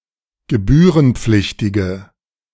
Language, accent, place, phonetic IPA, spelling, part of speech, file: German, Germany, Berlin, [ɡəˈbyːʁənˌp͡flɪçtɪɡə], gebührenpflichtige, adjective, De-gebührenpflichtige.ogg
- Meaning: inflection of gebührenpflichtig: 1. strong/mixed nominative/accusative feminine singular 2. strong nominative/accusative plural 3. weak nominative all-gender singular